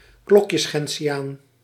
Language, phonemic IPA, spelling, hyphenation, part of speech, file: Dutch, /ˈklɔk.jəs.xɛn.tsiˌaːn/, klokjesgentiaan, klok‧jes‧gen‧ti‧aan, noun, Nl-klokjesgentiaan.ogg
- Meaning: marsh gentian (Gentiana pneumonanthe)